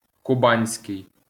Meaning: Kuban (pertaining to the river and region in southern Russia)
- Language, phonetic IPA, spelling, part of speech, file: Ukrainian, [kʊˈbanʲsʲkei̯], кубанський, adjective, LL-Q8798 (ukr)-кубанський.wav